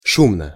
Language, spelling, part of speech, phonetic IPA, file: Russian, шумно, adverb / adjective, [ˈʂumnə], Ru-шумно.ogg
- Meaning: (adverb) noisily (in a noisy manner); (adjective) short neuter singular of шу́мный (šúmnyj)